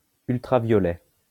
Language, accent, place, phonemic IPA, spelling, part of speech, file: French, France, Lyon, /yl.tʁa.vjɔ.lɛ/, ultraviolet, adjective / noun, LL-Q150 (fra)-ultraviolet.wav
- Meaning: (adjective) ultraviolet; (noun) ultraviolet (light)